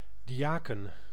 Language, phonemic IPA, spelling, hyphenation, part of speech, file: Dutch, /ˌdiˈaː.kə(n)/, diaken, di‧a‧ken, noun, Nl-diaken.ogg
- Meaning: 1. deacon (person involved in an ecclesiastical lay office for social affairs and charity) 2. deacon (male in an unordained clerical office qualified for parish work)